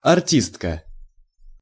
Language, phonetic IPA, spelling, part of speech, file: Russian, [ɐrˈtʲistkə], артистка, noun, Ru-артистка.ogg
- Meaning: female equivalent of арти́ст (artíst): female artist